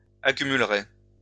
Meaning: third-person singular conditional of accumuler
- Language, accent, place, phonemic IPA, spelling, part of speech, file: French, France, Lyon, /a.ky.myl.ʁɛ/, accumulerait, verb, LL-Q150 (fra)-accumulerait.wav